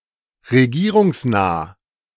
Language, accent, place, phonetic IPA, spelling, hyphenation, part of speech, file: German, Germany, Berlin, [ʁeˈɡiːʁʊŋsˌnaː], regierungsnah, re‧gie‧rung‧snah, adjective, De-regierungsnah.ogg
- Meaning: close to the government